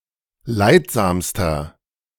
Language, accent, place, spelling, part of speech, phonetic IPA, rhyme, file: German, Germany, Berlin, leidsamster, adjective, [ˈlaɪ̯tˌzaːmstɐ], -aɪ̯tzaːmstɐ, De-leidsamster.ogg
- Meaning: inflection of leidsam: 1. strong/mixed nominative masculine singular superlative degree 2. strong genitive/dative feminine singular superlative degree 3. strong genitive plural superlative degree